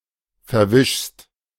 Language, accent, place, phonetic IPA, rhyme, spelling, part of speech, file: German, Germany, Berlin, [fɛɐ̯ˈvɪʃst], -ɪʃst, verwischst, verb, De-verwischst.ogg
- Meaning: second-person singular present of verwischen